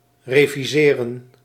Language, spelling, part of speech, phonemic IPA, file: Dutch, reviseren, verb, /reviˈzerə(n)/, Nl-reviseren.ogg
- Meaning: to revise